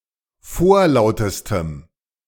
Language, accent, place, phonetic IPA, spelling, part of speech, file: German, Germany, Berlin, [ˈfoːɐ̯ˌlaʊ̯təstəm], vorlautestem, adjective, De-vorlautestem.ogg
- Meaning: strong dative masculine/neuter singular superlative degree of vorlaut